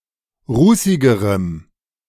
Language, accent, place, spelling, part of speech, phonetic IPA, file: German, Germany, Berlin, rußigerem, adjective, [ˈʁuːsɪɡəʁəm], De-rußigerem.ogg
- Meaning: strong dative masculine/neuter singular comparative degree of rußig